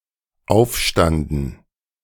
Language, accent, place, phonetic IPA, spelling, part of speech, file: German, Germany, Berlin, [ˈaʊ̯fˌʃtandn̩], aufstanden, verb, De-aufstanden.ogg
- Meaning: first/third-person plural dependent preterite of aufstehen